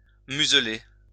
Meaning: 1. to muzzle (to attach a muzzle onto) 2. to silence (to prevent or forbid someone from speaking)
- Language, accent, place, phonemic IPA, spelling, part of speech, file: French, France, Lyon, /myz.le/, museler, verb, LL-Q150 (fra)-museler.wav